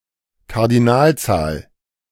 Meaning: 1. cardinal number (word that expresses a countable quantity) 2. cardinal number (generalized kind of number used to denote the size of a set, including infinite sets)
- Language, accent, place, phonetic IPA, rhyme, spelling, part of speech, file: German, Germany, Berlin, [kaʁdiˈnaːlˌt͡saːl], -aːlt͡saːl, Kardinalzahl, noun, De-Kardinalzahl.ogg